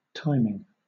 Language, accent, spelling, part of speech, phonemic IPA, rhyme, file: English, Southern England, timing, noun / verb, /ˈtaɪmɪŋ/, -aɪmɪŋ, LL-Q1860 (eng)-timing.wav
- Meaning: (noun) 1. An occurrence or event 2. The regulation of the pace of e.g. an athletic race, the speed of an engine, the delivery of a joke, or the occurrence of a series of events